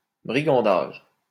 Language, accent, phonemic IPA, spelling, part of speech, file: French, France, /bʁi.ɡɑ̃.daʒ/, brigandage, noun, LL-Q150 (fra)-brigandage.wav
- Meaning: 1. robbery or other violent crime carried out by a group 2. bribery, extortion